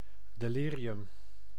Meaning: delirium
- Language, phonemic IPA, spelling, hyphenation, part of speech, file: Dutch, /deːˈliː.ri.ʏm/, delirium, de‧li‧ri‧um, noun, Nl-delirium.ogg